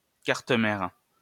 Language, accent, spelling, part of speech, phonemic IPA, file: French, France, carte mère, noun, /kaʁt mɛʁ/, LL-Q150 (fra)-carte mère.wav
- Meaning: motherboard (primary circuit board of a computer)